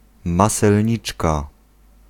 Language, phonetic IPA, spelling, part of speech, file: Polish, [ˌmasɛlʲˈɲit͡ʃka], maselniczka, noun, Pl-maselniczka.ogg